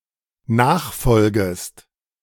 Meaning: second-person singular dependent subjunctive I of nachfolgen
- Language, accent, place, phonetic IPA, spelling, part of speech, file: German, Germany, Berlin, [ˈnaːxˌfɔlɡəst], nachfolgest, verb, De-nachfolgest.ogg